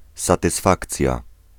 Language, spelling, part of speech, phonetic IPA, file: Polish, satysfakcja, noun, [ˌsatɨˈsfakt͡sʲja], Pl-satysfakcja.ogg